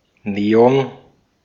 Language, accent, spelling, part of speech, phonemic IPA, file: German, Austria, Neon, noun, /ˈneːɔn/, De-at-Neon.ogg
- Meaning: neon